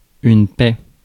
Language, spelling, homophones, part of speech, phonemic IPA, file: French, paix, paie / paient / paies / pais / paît / pet / pets, noun, /pɛ/, Fr-paix.ogg
- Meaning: peace